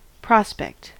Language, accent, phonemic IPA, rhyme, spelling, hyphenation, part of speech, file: English, US, /ˈpɹɑspɛkt/, -ɛkt, prospect, pros‧pect, noun / verb, En-us-prospect.ogg
- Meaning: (noun) 1. The region which the eye overlooks at one time; a view; a scene; an outlook 2. A picturesque or panoramic view; a landscape; hence, a sketch of a landscape